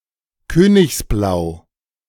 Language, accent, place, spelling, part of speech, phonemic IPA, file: German, Germany, Berlin, königsblau, adjective, /ˈkøːnɪçsˌblaʊ̯/, De-königsblau.ogg
- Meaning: royal blue